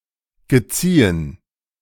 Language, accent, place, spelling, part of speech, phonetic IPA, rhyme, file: German, Germany, Berlin, geziehen, verb, [ɡəˈt͡siːən], -iːən, De-geziehen.ogg
- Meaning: past participle of zeihen